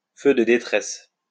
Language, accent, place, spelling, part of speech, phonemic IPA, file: French, France, Lyon, feux de détresse, noun, /fø də de.tʁɛs/, LL-Q150 (fra)-feux de détresse.wav
- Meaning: hazard lights